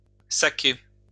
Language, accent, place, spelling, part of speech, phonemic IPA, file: French, France, Lyon, sacquer, verb, /sa.ke/, LL-Q150 (fra)-sacquer.wav
- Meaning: alternative form of saquer